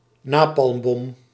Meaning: napalm bomb
- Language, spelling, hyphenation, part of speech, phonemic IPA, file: Dutch, napalmbom, na‧palm‧bom, noun, /ˈnaː.pɑlmˌbɔm/, Nl-napalmbom.ogg